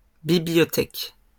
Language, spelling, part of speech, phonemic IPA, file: French, bibliothèques, noun, /bi.bli.jɔ.tɛk/, LL-Q150 (fra)-bibliothèques.wav
- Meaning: plural of bibliothèque